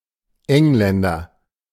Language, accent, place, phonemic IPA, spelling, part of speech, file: German, Germany, Berlin, /ˈɛŋlɛndɐ/, Engländer, noun, De-Engländer.ogg
- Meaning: 1. an English person (male or of unspecified gender), an Englander; an Englishman 2. any English-speaking person of origins unknown to the speaker 3. a British person